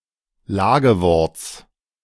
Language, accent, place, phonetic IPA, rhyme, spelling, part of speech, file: German, Germany, Berlin, [ˈlaːɡəˌvɔʁt͡s], -aːɡəvɔʁt͡s, Lageworts, noun, De-Lageworts.ogg
- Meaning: genitive singular of Lagewort